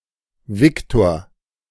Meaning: a male given name, equivalent to English Victor
- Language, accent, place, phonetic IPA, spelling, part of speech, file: German, Germany, Berlin, [ˈvɪktoɐ̯], Viktor, proper noun, De-Viktor.ogg